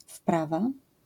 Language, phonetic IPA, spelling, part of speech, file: Polish, [ˈfprava], wprawa, noun, LL-Q809 (pol)-wprawa.wav